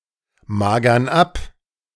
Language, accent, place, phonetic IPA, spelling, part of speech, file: German, Germany, Berlin, [ˌmaːɡɐn ˈap], magern ab, verb, De-magern ab.ogg
- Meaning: inflection of abmagern: 1. first/third-person plural present 2. first/third-person plural subjunctive I